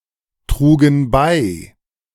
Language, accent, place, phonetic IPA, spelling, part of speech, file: German, Germany, Berlin, [ˌtʁuːɡn̩ ˈbaɪ̯], trugen bei, verb, De-trugen bei.ogg
- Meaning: first/third-person plural preterite of beitragen